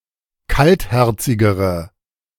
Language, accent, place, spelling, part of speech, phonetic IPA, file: German, Germany, Berlin, kaltherzigere, adjective, [ˈkaltˌhɛʁt͡sɪɡəʁə], De-kaltherzigere.ogg
- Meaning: inflection of kaltherzig: 1. strong/mixed nominative/accusative feminine singular comparative degree 2. strong nominative/accusative plural comparative degree